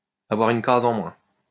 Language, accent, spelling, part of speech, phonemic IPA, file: French, France, avoir une case en moins, verb, /a.vwaʁ yn kaz ɑ̃ mwɛ̃/, LL-Q150 (fra)-avoir une case en moins.wav
- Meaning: to have a screw loose, to be a few sandwiches short of a picnic